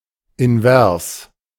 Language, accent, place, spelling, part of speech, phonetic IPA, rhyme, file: German, Germany, Berlin, invers, adjective, [ɪnˈvɛʁs], -ɛʁs, De-invers.ogg
- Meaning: inverse